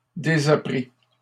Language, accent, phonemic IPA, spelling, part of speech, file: French, Canada, /de.za.pʁi/, désapprît, verb, LL-Q150 (fra)-désapprît.wav
- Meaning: third-person singular imperfect subjunctive of désapprendre